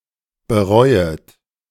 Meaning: second-person plural subjunctive I of bereuen
- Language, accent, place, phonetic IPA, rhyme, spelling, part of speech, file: German, Germany, Berlin, [bəˈʁɔɪ̯ət], -ɔɪ̯ət, bereuet, verb, De-bereuet.ogg